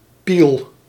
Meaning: 1. duckling 2. penis
- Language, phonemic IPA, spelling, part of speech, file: Dutch, /pil/, piel, noun, Nl-piel.ogg